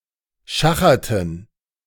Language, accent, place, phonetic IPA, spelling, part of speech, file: German, Germany, Berlin, [ˈʃaxɐtn̩], schacherten, verb, De-schacherten.ogg
- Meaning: inflection of schachern: 1. first/third-person plural preterite 2. first/third-person plural subjunctive II